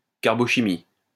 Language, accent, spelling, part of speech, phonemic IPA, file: French, France, carbochimie, noun, /kaʁ.bɔ.ʃi.mi/, LL-Q150 (fra)-carbochimie.wav
- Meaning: carbochemistry